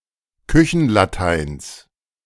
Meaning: genitive of Küchenlatein
- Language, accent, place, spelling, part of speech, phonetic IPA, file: German, Germany, Berlin, Küchenlateins, noun, [ˈkʏçn̩laˌtaɪ̯ns], De-Küchenlateins.ogg